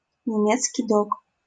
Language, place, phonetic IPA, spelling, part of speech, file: Russian, Saint Petersburg, [nʲɪˈmʲet͡skʲɪj ˈdok], немецкий дог, noun, LL-Q7737 (rus)-немецкий дог.wav
- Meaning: Great Dane